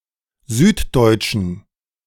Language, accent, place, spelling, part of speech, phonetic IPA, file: German, Germany, Berlin, süddeutschen, adjective, [ˈzyːtˌdɔɪ̯t͡ʃn̩], De-süddeutschen.ogg
- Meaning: inflection of süddeutsch: 1. strong genitive masculine/neuter singular 2. weak/mixed genitive/dative all-gender singular 3. strong/weak/mixed accusative masculine singular 4. strong dative plural